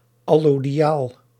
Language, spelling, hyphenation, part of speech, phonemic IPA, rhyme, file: Dutch, allodiaal, al‧lo‧di‧aal, adjective, /ɑloːdiˈaːl/, -aːl, Nl-allodiaal.ogg
- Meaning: allodial, inalienable (free, without feudal constraints)